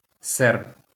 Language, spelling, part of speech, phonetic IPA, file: Ukrainian, серб, noun, [sɛrb], LL-Q8798 (ukr)-серб.wav
- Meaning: Serb, Serbian (male person from Serbia or of Serbian ethnicity)